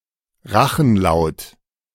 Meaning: pharyngeal
- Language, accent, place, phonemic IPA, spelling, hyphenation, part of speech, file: German, Germany, Berlin, /ˈʁaxn̩ˌlaʊ̯t/, Rachenlaut, Ra‧chen‧laut, noun, De-Rachenlaut.ogg